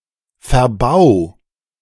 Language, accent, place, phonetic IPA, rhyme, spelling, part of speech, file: German, Germany, Berlin, [fɛɐ̯ˈbaʊ̯], -aʊ̯, verbau, verb, De-verbau.ogg
- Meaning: 1. singular imperative of verbauen 2. first-person singular present of verbauen